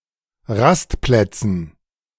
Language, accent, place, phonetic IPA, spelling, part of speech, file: German, Germany, Berlin, [ˈʁastˌplɛt͡sn̩], Rastplätzen, noun, De-Rastplätzen.ogg
- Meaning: dative plural of Rastplatz